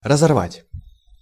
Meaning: 1. to tear apart/asunder, to tear up 2. to sever, to break (ties), to rend 3. to burst, to explode
- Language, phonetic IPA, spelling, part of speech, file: Russian, [rəzɐrˈvatʲ], разорвать, verb, Ru-разорвать.ogg